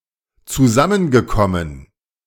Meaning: past participle of zusammenkommen
- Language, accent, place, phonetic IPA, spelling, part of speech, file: German, Germany, Berlin, [t͡suˈzamənɡəˌkɔmən], zusammengekommen, verb, De-zusammengekommen.ogg